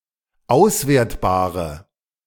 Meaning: inflection of auswertbar: 1. strong/mixed nominative/accusative feminine singular 2. strong nominative/accusative plural 3. weak nominative all-gender singular
- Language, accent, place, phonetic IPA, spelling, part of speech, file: German, Germany, Berlin, [ˈaʊ̯sˌveːɐ̯tbaːʁə], auswertbare, adjective, De-auswertbare.ogg